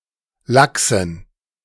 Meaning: dative plural of Lachs
- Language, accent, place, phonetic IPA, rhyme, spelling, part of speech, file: German, Germany, Berlin, [ˈlaksn̩], -aksn̩, Lachsen, noun, De-Lachsen.ogg